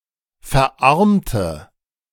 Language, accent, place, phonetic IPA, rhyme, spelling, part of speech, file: German, Germany, Berlin, [fɛɐ̯ˈʔaʁmtə], -aʁmtə, verarmte, adjective / verb, De-verarmte.ogg
- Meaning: inflection of verarmen: 1. first/third-person singular preterite 2. first/third-person singular subjunctive II